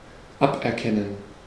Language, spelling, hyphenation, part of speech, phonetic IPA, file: German, aberkennen, ab‧er‧ken‧nen, verb, [ˈapʔɛɐ̯ˌkɛnən], De-aberkennen.ogg
- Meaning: to revoke, to strip someone of something (e.g. a right, a title, an award)